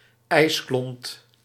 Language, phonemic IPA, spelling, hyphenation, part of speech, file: Dutch, /ˈɛi̯s.klɔnt/, ijsklont, ijs‧klont, noun, Nl-ijsklont.ogg
- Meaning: an ice cube (small piece of ice)